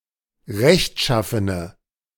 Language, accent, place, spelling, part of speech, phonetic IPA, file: German, Germany, Berlin, rechtschaffene, adjective, [ˈʁɛçtˌʃafənə], De-rechtschaffene.ogg
- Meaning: inflection of rechtschaffen: 1. strong/mixed nominative/accusative feminine singular 2. strong nominative/accusative plural 3. weak nominative all-gender singular